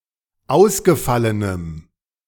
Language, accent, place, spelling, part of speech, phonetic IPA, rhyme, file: German, Germany, Berlin, ausgefallenem, adjective, [ˈaʊ̯sɡəˌfalənəm], -aʊ̯sɡəfalənəm, De-ausgefallenem.ogg
- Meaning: strong dative masculine/neuter singular of ausgefallen